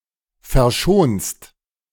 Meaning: second-person singular present of verschonen
- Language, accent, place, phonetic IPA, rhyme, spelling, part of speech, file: German, Germany, Berlin, [fɛɐ̯ˈʃoːnst], -oːnst, verschonst, verb, De-verschonst.ogg